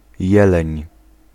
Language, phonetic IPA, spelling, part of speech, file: Polish, [ˈjɛlɛ̃ɲ], jeleń, noun, Pl-jeleń.ogg